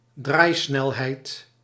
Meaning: rotational speed
- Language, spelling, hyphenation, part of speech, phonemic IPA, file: Dutch, draaisnelheid, draai‧snel‧heid, noun, /ˈdraːi̯ˌsnɛl.ɦɛi̯t/, Nl-draaisnelheid.ogg